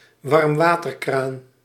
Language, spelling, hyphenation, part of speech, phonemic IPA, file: Dutch, warmwaterkraan, warm‧wa‧ter‧kraan, noun, /ʋɑrmˈʋaː.tərˌkraːn/, Nl-warmwaterkraan.ogg
- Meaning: warm-water tap